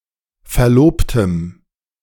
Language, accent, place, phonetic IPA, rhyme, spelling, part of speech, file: German, Germany, Berlin, [fɛɐ̯ˈloːptəm], -oːptəm, Verlobtem, noun, De-Verlobtem.ogg
- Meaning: strong dative singular of Verlobter